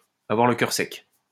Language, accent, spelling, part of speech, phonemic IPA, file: French, France, avoir le cœur sec, verb, /a.vwaʁ lə kœʁ sɛk/, LL-Q150 (fra)-avoir le cœur sec.wav
- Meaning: to be hardhearted, to be heartless, to have no heart